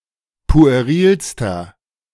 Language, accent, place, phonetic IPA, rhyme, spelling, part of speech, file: German, Germany, Berlin, [pu̯eˈʁiːlstɐ], -iːlstɐ, puerilster, adjective, De-puerilster.ogg
- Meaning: inflection of pueril: 1. strong/mixed nominative masculine singular superlative degree 2. strong genitive/dative feminine singular superlative degree 3. strong genitive plural superlative degree